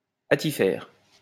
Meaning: to deck out
- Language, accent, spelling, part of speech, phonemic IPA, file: French, France, attifer, verb, /a.ti.fe/, LL-Q150 (fra)-attifer.wav